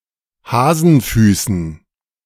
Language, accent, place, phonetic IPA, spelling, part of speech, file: German, Germany, Berlin, [ˈhaːzn̩ˌfyːsn̩], Hasenfüßen, noun, De-Hasenfüßen.ogg
- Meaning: dative plural of Hasenfuß